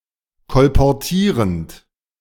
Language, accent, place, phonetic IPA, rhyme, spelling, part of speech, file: German, Germany, Berlin, [kɔlpɔʁˈtiːʁənt], -iːʁənt, kolportierend, verb, De-kolportierend.ogg
- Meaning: present participle of kolportieren